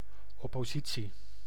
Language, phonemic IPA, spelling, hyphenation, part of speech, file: Dutch, /ˌɔ.poːˈzi.(t)si/, oppositie, op‧po‧si‧tie, noun, Nl-oppositie.ogg
- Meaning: 1. parliamentary opposition (non-government factions in parliament) 2. opposition, resistance